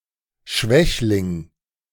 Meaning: weakling
- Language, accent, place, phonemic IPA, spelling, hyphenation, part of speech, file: German, Germany, Berlin, /ˈʃvɛçlɪŋ/, Schwächling, Schwäch‧ling, noun, De-Schwächling.ogg